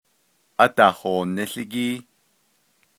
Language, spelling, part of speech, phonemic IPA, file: Navajo, ádahooníłígíí, noun, /ʔɑ́tɑ̀hòːnɪ́ɬɪ́kíː/, Nv-ádahooníłígíí.ogg
- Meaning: current events